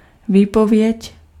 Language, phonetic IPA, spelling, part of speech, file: Czech, [ˈviːpovjɛc], výpověď, noun, Cs-výpověď.ogg
- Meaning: 1. notice (notification of ending a contract) 2. testimony